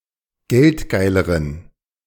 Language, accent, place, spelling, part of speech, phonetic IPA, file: German, Germany, Berlin, geldgeileren, adjective, [ˈɡɛltˌɡaɪ̯ləʁən], De-geldgeileren.ogg
- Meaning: inflection of geldgeil: 1. strong genitive masculine/neuter singular comparative degree 2. weak/mixed genitive/dative all-gender singular comparative degree